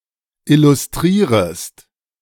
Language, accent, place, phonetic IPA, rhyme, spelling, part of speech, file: German, Germany, Berlin, [ˌɪlʊsˈtʁiːʁəst], -iːʁəst, illustrierest, verb, De-illustrierest.ogg
- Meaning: second-person singular subjunctive I of illustrieren